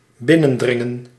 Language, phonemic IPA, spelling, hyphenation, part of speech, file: Dutch, /ˈbɪ.nə(n)ˌdrɪ.ŋə(n)/, binnendringen, bin‧nen‧drin‧gen, verb, Nl-binnendringen.ogg
- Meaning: to encroach, to intrude, to penetrate, to invade, to interlope (to intrude unrightfully on someone else's rights or territory)